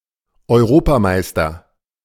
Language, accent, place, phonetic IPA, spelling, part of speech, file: German, Germany, Berlin, [ɔɪ̯ˈʁoːpaˌmaɪ̯stɐ], Europameister, noun, De-Europameister.ogg
- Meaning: European champion